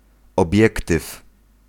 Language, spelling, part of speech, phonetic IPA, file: Polish, obiektyw, noun, [ɔˈbʲjɛktɨf], Pl-obiektyw.ogg